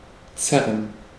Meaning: 1. to tug 2. to drag 3. to pull (a muscle)
- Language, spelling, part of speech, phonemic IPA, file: German, zerren, verb, /ˈtsɛrən/, De-zerren.ogg